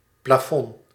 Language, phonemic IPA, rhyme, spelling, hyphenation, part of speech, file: Dutch, /plaːˈfɔn/, -ɔn, plafond, pla‧fond, noun, Nl-plafond.ogg
- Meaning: 1. ceiling 2. maximum, upper limit